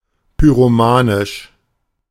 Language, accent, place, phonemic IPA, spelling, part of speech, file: German, Germany, Berlin, /pyʁoˈmaːnɪʃ/, pyromanisch, adjective, De-pyromanisch.ogg
- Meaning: pyromaniacal